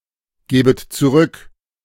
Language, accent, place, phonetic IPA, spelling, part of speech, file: German, Germany, Berlin, [ˌɡeːbət t͡suˈʁʏk], gebet zurück, verb, De-gebet zurück.ogg
- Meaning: second-person plural subjunctive I of zurückgeben